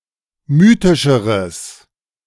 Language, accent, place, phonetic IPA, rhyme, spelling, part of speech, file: German, Germany, Berlin, [ˈmyːtɪʃəʁəs], -yːtɪʃəʁəs, mythischeres, adjective, De-mythischeres.ogg
- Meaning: strong/mixed nominative/accusative neuter singular comparative degree of mythisch